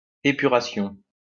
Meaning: 1. purification 2. cleansing
- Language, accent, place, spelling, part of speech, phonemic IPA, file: French, France, Lyon, épuration, noun, /e.py.ʁa.sjɔ̃/, LL-Q150 (fra)-épuration.wav